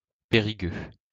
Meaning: Périgueux (a commune, the prefecture of the department of Dordogne, Nouvelle-Aquitaine, France)
- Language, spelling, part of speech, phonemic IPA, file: French, Périgueux, proper noun, /pe.ʁi.ɡø/, LL-Q150 (fra)-Périgueux.wav